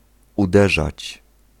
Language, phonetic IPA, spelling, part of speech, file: Polish, [uˈdɛʒat͡ɕ], uderzać, verb, Pl-uderzać.ogg